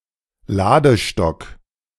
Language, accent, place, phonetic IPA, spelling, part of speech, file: German, Germany, Berlin, [ˈlaːdəˌʃtɔk], Ladestock, noun, De-Ladestock.ogg
- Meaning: ramrod